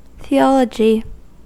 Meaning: 1. The study of God, a god, or gods; and of the truthfulness of religion in general 2. Synonym of religious studies
- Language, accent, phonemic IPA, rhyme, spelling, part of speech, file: English, US, /θiˈɒ.lə.d͡ʒi/, -ɒlədʒi, theology, noun, En-us-theology.ogg